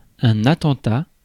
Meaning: attack, assault (illegal act of violence toward another)
- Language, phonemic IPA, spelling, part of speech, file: French, /a.tɑ̃.ta/, attentat, noun, Fr-attentat.ogg